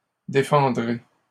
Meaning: first-person singular future of défendre
- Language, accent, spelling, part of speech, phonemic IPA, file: French, Canada, défendrai, verb, /de.fɑ̃.dʁe/, LL-Q150 (fra)-défendrai.wav